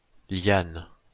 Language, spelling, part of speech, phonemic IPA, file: French, liane, noun, /ljan/, LL-Q150 (fra)-liane.wav
- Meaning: 1. herbaceous or woody vine 2. creeper